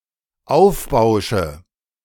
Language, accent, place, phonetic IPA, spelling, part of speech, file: German, Germany, Berlin, [ˈaʊ̯fˌbaʊ̯ʃə], aufbausche, verb, De-aufbausche.ogg
- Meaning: inflection of aufbauschen: 1. first-person singular dependent present 2. first/third-person singular dependent subjunctive I